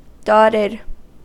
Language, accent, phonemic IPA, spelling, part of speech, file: English, US, /ˈdɑtɪd/, dotted, verb / adjective, En-us-dotted.ogg
- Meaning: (verb) simple past and past participle of dot; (adjective) 1. Made up of a series of dots 2. That contains dots 3. With a dot after, increasing the value of the duration by half of the basic note